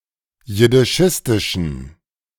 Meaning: inflection of jiddischistisch: 1. strong genitive masculine/neuter singular 2. weak/mixed genitive/dative all-gender singular 3. strong/weak/mixed accusative masculine singular 4. strong dative plural
- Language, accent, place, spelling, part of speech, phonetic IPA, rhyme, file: German, Germany, Berlin, jiddischistischen, adjective, [jɪdɪˈʃɪstɪʃn̩], -ɪstɪʃn̩, De-jiddischistischen.ogg